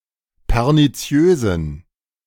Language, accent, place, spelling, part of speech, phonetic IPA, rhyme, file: German, Germany, Berlin, perniziösen, adjective, [pɛʁniˈt͡si̯øːzn̩], -øːzn̩, De-perniziösen.ogg
- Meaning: inflection of perniziös: 1. strong genitive masculine/neuter singular 2. weak/mixed genitive/dative all-gender singular 3. strong/weak/mixed accusative masculine singular 4. strong dative plural